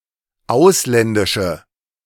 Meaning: inflection of ausländisch: 1. strong/mixed nominative/accusative feminine singular 2. strong nominative/accusative plural 3. weak nominative all-gender singular
- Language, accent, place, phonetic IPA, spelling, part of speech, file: German, Germany, Berlin, [ˈaʊ̯slɛndɪʃə], ausländische, adjective, De-ausländische.ogg